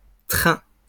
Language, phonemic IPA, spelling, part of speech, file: French, /tʁɛ̃/, trains, noun, LL-Q150 (fra)-trains.wav
- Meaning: plural of train